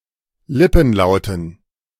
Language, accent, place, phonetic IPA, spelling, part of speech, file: German, Germany, Berlin, [ˈlɪpn̩ˌlaʊ̯tn̩], Lippenlauten, noun, De-Lippenlauten.ogg
- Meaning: dative plural of Lippenlaut